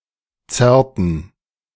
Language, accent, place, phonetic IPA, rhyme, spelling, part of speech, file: German, Germany, Berlin, [ˈt͡sɛʁtn̩], -ɛʁtn̩, zerrten, verb, De-zerrten.ogg
- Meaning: inflection of zerren: 1. first/third-person plural preterite 2. first/third-person plural subjunctive II